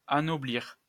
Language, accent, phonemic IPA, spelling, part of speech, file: French, France, /a.nɔ.bliʁ/, anoblir, verb, LL-Q150 (fra)-anoblir.wav
- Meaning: to ennoble, to knight (to bestow nobility, knighthood or a similar title upon somebody)